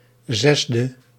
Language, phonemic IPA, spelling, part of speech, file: Dutch, /ˈzɛzdə/, 6e, adjective, Nl-6e.ogg
- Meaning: abbreviation of zesde (“sixth”); 6th